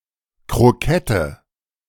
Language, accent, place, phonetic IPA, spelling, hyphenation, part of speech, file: German, Germany, Berlin, [kʁoˈkɛtə], Krokette, Kro‧ket‧te, noun, De-Krokette.ogg
- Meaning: croquette